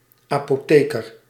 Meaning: chemist, pharmacist
- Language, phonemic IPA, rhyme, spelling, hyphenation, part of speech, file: Dutch, /ˌɑ.poːˈteː.kər/, -eːkər, apotheker, apo‧the‧ker, noun, Nl-apotheker.ogg